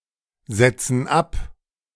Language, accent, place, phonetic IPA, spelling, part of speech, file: German, Germany, Berlin, [ˌz̥ɛt͡sn̩ ˈap], setzen ab, verb, De-setzen ab.ogg
- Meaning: inflection of absetzen: 1. first/third-person plural present 2. first/third-person plural subjunctive I